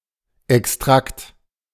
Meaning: extract
- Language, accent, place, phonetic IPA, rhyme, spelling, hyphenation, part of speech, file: German, Germany, Berlin, [ɛksˈtʁakt], -akt, Extrakt, Ex‧trakt, noun, De-Extrakt.ogg